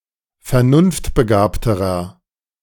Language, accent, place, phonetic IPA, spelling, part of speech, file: German, Germany, Berlin, [fɛɐ̯ˈnʊnftbəˌɡaːptəʁɐ], vernunftbegabterer, adjective, De-vernunftbegabterer.ogg
- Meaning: inflection of vernunftbegabt: 1. strong/mixed nominative masculine singular comparative degree 2. strong genitive/dative feminine singular comparative degree